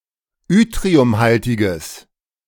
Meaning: strong/mixed nominative/accusative neuter singular of yttriumhaltig
- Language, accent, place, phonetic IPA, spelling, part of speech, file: German, Germany, Berlin, [ˈʏtʁiʊmˌhaltɪɡəs], yttriumhaltiges, adjective, De-yttriumhaltiges.ogg